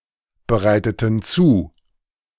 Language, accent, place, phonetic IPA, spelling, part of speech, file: German, Germany, Berlin, [bəˌʁaɪ̯tətn̩ ˈt͡suː], bereiteten zu, verb, De-bereiteten zu.ogg
- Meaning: inflection of zubereiten: 1. first/third-person plural preterite 2. first/third-person plural subjunctive II